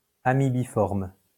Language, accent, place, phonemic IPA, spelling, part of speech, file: French, France, Lyon, /a.mi.bi.fɔʁm/, amibiforme, adjective, LL-Q150 (fra)-amibiforme.wav
- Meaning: amebiform